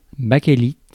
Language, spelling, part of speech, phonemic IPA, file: French, bakélite, noun, /ba.ke.lit/, Fr-bakélite.ogg
- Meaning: alternative form of Bakélite